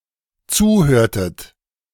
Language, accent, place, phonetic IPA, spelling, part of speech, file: German, Germany, Berlin, [ˈt͡suːˌhøːɐ̯tət], zuhörtet, verb, De-zuhörtet.ogg
- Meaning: inflection of zuhören: 1. second-person plural dependent preterite 2. second-person plural dependent subjunctive II